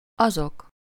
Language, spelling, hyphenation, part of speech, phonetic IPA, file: Hungarian, azok, azok, pronoun / determiner, [ˈɒzok], Hu-azok.ogg
- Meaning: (pronoun) nominative plural of az: those